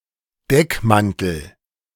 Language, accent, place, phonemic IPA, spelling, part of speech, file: German, Germany, Berlin, /ˈdɛkˌmantəl/, Deckmantel, noun, De-Deckmantel.ogg
- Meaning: cloak, disguise